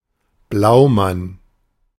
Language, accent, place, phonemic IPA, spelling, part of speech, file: German, Germany, Berlin, /ˈblaʊ̯ˌman/, Blaumann, noun, De-Blaumann.ogg
- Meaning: synonym of Overall